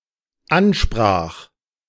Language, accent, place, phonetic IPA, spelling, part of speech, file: German, Germany, Berlin, [ˈanˌʃpʁaːx], ansprach, verb, De-ansprach.ogg
- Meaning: first/third-person singular dependent preterite of ansprechen